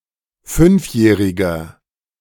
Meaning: inflection of fünfjährig: 1. strong/mixed nominative masculine singular 2. strong genitive/dative feminine singular 3. strong genitive plural
- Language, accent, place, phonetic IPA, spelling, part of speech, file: German, Germany, Berlin, [ˈfʏnfˌjɛːʁɪɡɐ], fünfjähriger, adjective, De-fünfjähriger.ogg